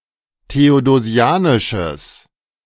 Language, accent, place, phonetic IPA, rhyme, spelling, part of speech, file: German, Germany, Berlin, [teodoˈzi̯aːnɪʃəs], -aːnɪʃəs, theodosianisches, adjective, De-theodosianisches.ogg
- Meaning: strong/mixed nominative/accusative neuter singular of theodosianisch